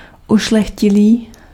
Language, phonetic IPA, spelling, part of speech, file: Czech, [ˈuʃlɛxcɪliː], ušlechtilý, adjective, Cs-ušlechtilý.ogg
- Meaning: noble